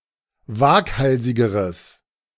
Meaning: strong/mixed nominative/accusative neuter singular comparative degree of waghalsig
- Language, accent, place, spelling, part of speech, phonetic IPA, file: German, Germany, Berlin, waghalsigeres, adjective, [ˈvaːkˌhalzɪɡəʁəs], De-waghalsigeres.ogg